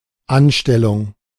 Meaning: job, employment
- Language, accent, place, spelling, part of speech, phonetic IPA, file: German, Germany, Berlin, Anstellung, noun, [ˈanˌʃtɛlʊŋ], De-Anstellung.ogg